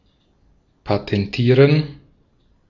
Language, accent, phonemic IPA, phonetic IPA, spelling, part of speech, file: German, Austria, /patɛnˈtiːʁen/, [pʰatʰɛnˈtʰiːɐ̯n], patentieren, verb, De-at-patentieren.ogg
- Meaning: to patent (mostly used as in: to grant a patent; from the view of the applicant the passive form "patentieren lassen" is commonly used)